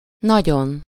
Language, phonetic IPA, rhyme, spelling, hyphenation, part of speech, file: Hungarian, [ˈnɒɟon], -on, nagyon, na‧gyon, adverb / adjective, Hu-nagyon.ogg
- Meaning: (adverb) very (to a high degree); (adjective) superessive singular of nagy